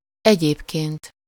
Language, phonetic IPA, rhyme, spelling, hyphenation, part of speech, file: Hungarian, [ˈɛɟeːpkeːnt], -eːnt, egyébként, egyéb‧ként, adverb, Hu-egyébként.ogg
- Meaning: 1. otherwise 2. however, on the other hand 3. by the way, for that matter, incidentally, moreover (when introducing a new subject)